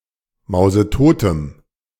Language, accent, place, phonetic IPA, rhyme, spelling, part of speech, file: German, Germany, Berlin, [ˌmaʊ̯zəˈtoːtəm], -oːtəm, mausetotem, adjective, De-mausetotem.ogg
- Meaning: strong dative masculine/neuter singular of mausetot